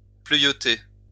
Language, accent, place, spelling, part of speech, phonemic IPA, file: French, France, Lyon, pleuvioter, verb, /plø.vjɔ.te/, LL-Q150 (fra)-pleuvioter.wav
- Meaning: to drizzle